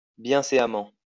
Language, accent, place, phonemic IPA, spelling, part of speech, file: French, France, Lyon, /bjɛ̃.se.a.mɑ̃/, bienséamment, adverb, LL-Q150 (fra)-bienséamment.wav
- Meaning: 1. decorously 2. properly, decently